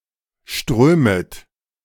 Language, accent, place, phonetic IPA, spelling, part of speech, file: German, Germany, Berlin, [ˈʃtʁøːmət], strömet, verb, De-strömet.ogg
- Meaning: second-person plural subjunctive I of strömen